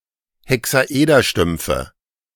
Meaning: nominative/accusative/genitive plural of Hexaederstumpf
- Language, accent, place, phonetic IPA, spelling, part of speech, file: German, Germany, Berlin, [hɛksaˈʔeːdɐˌʃtʏmp͡fə], Hexaederstümpfe, noun, De-Hexaederstümpfe.ogg